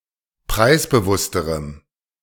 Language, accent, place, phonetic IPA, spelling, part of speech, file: German, Germany, Berlin, [ˈpʁaɪ̯sbəˌvʊstəʁəm], preisbewussterem, adjective, De-preisbewussterem.ogg
- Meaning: strong dative masculine/neuter singular comparative degree of preisbewusst